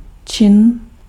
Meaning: 1. action, act, deed 2. feat
- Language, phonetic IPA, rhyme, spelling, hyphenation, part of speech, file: Czech, [ˈt͡ʃɪn], -ɪn, čin, čin, noun, Cs-čin.ogg